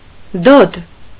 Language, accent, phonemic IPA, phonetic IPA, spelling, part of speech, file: Armenian, Eastern Armenian, /dod/, [dod], դոդ, noun / adjective, Hy-դոդ.ogg
- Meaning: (noun) 1. a large ceramic bowl for cooking food 2. a large ceramic plate; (adjective) stupid, dumb